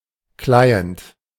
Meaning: client
- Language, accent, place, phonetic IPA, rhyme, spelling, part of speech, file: German, Germany, Berlin, [ˈklaɪ̯ənt], -aɪ̯ənt, Client, noun, De-Client.ogg